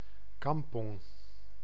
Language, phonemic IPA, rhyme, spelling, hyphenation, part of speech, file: Dutch, /kɑmˈpɔŋ/, -ɔŋ, kampong, kam‧pong, noun, Nl-kampong.ogg
- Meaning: 1. village (a Southeast Asian rural habitation of size between a hamlet and a town); kampung 2. a quarter in a Southeast Asian city; an Indonesian quarter